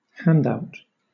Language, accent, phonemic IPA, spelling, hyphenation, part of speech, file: English, Southern England, /ˈhændaʊt/, handout, hand‧out, noun / adjective, LL-Q1860 (eng)-handout.wav
- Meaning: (noun) 1. An act of handing out something 2. An act of handing out something.: An act of dealing playing cards; a deal